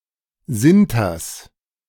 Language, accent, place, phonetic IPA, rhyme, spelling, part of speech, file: German, Germany, Berlin, [ˈzɪntɐs], -ɪntɐs, Sinters, noun, De-Sinters.ogg
- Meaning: genitive singular of Sinter